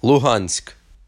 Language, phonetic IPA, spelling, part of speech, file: Ukrainian, [ɫʊˈɦanʲsʲk], Луганськ, proper noun, Uk-Луганськ.ogg
- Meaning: Luhansk (a city in Ukraine)